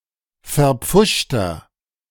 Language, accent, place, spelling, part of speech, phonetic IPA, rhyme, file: German, Germany, Berlin, verpfuschter, adjective, [fɛɐ̯ˈp͡fʊʃtɐ], -ʊʃtɐ, De-verpfuschter.ogg
- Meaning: 1. comparative degree of verpfuscht 2. inflection of verpfuscht: strong/mixed nominative masculine singular 3. inflection of verpfuscht: strong genitive/dative feminine singular